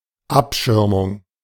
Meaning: 1. shield, shielding 2. screen, screening 3. protection
- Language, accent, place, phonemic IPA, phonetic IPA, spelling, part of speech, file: German, Germany, Berlin, /ˈapˌʃɪʁmʊŋ/, [ˈʔapˌʃɪɐ̯mʊŋ], Abschirmung, noun, De-Abschirmung.ogg